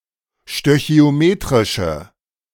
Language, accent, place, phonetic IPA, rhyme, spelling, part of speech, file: German, Germany, Berlin, [ʃtøçi̯oˈmeːtʁɪʃə], -eːtʁɪʃə, stöchiometrische, adjective, De-stöchiometrische.ogg
- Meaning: inflection of stöchiometrisch: 1. strong/mixed nominative/accusative feminine singular 2. strong nominative/accusative plural 3. weak nominative all-gender singular